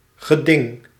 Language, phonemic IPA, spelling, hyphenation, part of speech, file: Dutch, /ɣəˈdɪŋ/, geding, ge‧ding, noun, Nl-geding.ogg
- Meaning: lawsuit